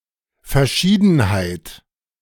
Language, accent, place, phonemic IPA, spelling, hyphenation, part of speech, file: German, Germany, Berlin, /ˌfɛɐ̯ˈʃiːdn̩haɪ̯t/, Verschiedenheit, Ver‧schie‧den‧heit, noun, De-Verschiedenheit.ogg
- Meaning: diversity, variety